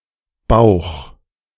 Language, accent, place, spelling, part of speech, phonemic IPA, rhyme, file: German, Germany, Berlin, Bauch, noun / proper noun, /baʊ̯x/, -aʊ̯x, De-Bauch2.ogg
- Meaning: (noun) abdomen, belly; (proper noun) a surname